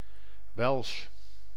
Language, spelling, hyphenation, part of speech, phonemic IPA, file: Dutch, Welsh, Welsh, proper noun / noun / adjective, /ʋɛlʃ/, Nl-Welsh.ogg
- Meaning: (proper noun) Welsh (language); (noun) the Welsh (people of Wales); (adjective) Welsh